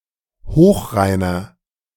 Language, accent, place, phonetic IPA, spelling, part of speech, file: German, Germany, Berlin, [ˈhoːxˌʁaɪ̯nɐ], hochreiner, adjective, De-hochreiner.ogg
- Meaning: inflection of hochrein: 1. strong/mixed nominative masculine singular 2. strong genitive/dative feminine singular 3. strong genitive plural